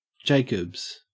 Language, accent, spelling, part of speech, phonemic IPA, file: English, Australia, Jacobs, proper noun / noun, /ˈd͡ʒeɪkəbz/, En-au-Jacobs.ogg
- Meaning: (proper noun) 1. An English surname originating as a patronymic derived from Jacob 2. A place in the United States: A southern neighbourhood of Louisville, Kentucky